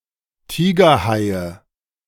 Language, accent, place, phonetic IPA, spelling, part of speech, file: German, Germany, Berlin, [ˈtiːɡɐˌhaɪ̯ə], Tigerhaie, noun, De-Tigerhaie.ogg
- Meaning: nominative/accusative/genitive plural of Tigerhai